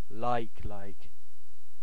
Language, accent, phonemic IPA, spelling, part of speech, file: English, UK, /ˈlaɪ̯k.laɪ̯k/, like like, verb, En-uk-like like.ogg
- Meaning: To fancy; to be romantically or sexually attracted to